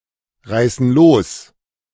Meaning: inflection of losreißen: 1. first/third-person plural present 2. first/third-person plural subjunctive I
- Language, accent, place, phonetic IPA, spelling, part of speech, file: German, Germany, Berlin, [ˌʁaɪ̯sn̩ ˈloːs], reißen los, verb, De-reißen los.ogg